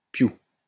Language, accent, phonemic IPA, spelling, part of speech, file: French, France, /pju/, piou, noun, LL-Q150 (fra)-piou.wav
- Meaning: 1. cluck; the sound a chicken makes 2. smack; the sound of a kiss 3. chick; small bird 4. soldier